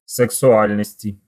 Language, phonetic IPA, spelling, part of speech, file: Russian, [sɨksʊˈalʲnəsʲtʲɪ], сексуальности, noun, Ru-сексуальности.ogg
- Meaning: inflection of сексуа́льность (sɛksuálʹnostʹ): 1. genitive/dative/prepositional singular 2. nominative/accusative plural